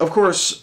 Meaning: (adjective) That is part of ordinary behaviour or custom; customary, natural; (adverb) In due course; as a matter of course; as a natural result
- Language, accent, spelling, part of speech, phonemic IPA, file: English, US, of course, adjective / adverb / interjection, /əv ˈkɔɹs/, En-us-of course.ogg